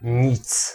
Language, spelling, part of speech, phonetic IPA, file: Polish, nic, pronoun / noun, [ɲit͡s], Pl-nic.ogg